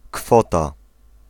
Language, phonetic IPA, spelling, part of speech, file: Polish, [ˈkfɔta], kwota, noun, Pl-kwota.ogg